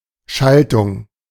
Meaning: 1. circuit (electrical) 2. wiring 3. gearshift, gear change 4. switching
- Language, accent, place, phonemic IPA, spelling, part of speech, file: German, Germany, Berlin, /ˈʃaltʊŋ/, Schaltung, noun, De-Schaltung.ogg